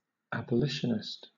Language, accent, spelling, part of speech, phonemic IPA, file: English, Southern England, abolitionist, adjective / noun, /ˌæ.bəˈlɪʃ.n̩.ɪst/, LL-Q1860 (eng)-abolitionist.wav
- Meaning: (adjective) 1. In favor of the abolition of any particular institution or practice 2. In favor of the abolition of any particular institution or practice.: In favor of the abolition of slavery